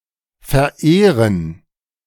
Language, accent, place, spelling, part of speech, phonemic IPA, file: German, Germany, Berlin, verehren, verb, /fɛɐ̯ˈeːʁən/, De-verehren.ogg
- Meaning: 1. to revere, to venerate 2. to adore 3. to worship 4. to present something as a gift or honour